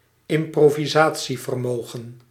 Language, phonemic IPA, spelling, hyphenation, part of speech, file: Dutch, /ɪm.proː.viˈzaː.(t)si.vərˌmoː.ɣə(n)/, improvisatievermogen, im‧pro‧vi‧sa‧tie‧ver‧mo‧gen, noun, Nl-improvisatievermogen.ogg
- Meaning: capability to improvise